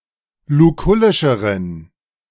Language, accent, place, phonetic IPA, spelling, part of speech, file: German, Germany, Berlin, [luˈkʊlɪʃəʁən], lukullischeren, adjective, De-lukullischeren.ogg
- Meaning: inflection of lukullisch: 1. strong genitive masculine/neuter singular comparative degree 2. weak/mixed genitive/dative all-gender singular comparative degree